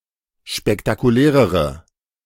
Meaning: inflection of spektakulär: 1. strong/mixed nominative/accusative feminine singular comparative degree 2. strong nominative/accusative plural comparative degree
- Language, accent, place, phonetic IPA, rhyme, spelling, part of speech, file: German, Germany, Berlin, [ʃpɛktakuˈlɛːʁəʁə], -ɛːʁəʁə, spektakulärere, adjective, De-spektakulärere.ogg